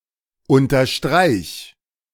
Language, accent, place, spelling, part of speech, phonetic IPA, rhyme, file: German, Germany, Berlin, unterstreich, verb, [ˌʊntɐˈʃtʁaɪ̯ç], -aɪ̯ç, De-unterstreich.ogg
- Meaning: singular imperative of unterstreichen